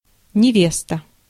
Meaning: 1. fiancée, bride 2. marriageable girl
- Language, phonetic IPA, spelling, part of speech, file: Russian, [nʲɪˈvʲestə], невеста, noun, Ru-невеста.ogg